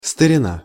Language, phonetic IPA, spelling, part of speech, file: Russian, [stərʲɪˈna], старина, noun, Ru-старина.ogg
- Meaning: 1. olden time, olden days, antiquity 2. antiquity/ies, antique(s), relic(s) of the past 3. old man, old boy, old chap, old fellow